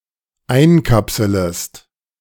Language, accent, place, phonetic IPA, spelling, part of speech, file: German, Germany, Berlin, [ˈaɪ̯nˌkapsələst], einkapselest, verb, De-einkapselest.ogg
- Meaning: second-person singular dependent subjunctive I of einkapseln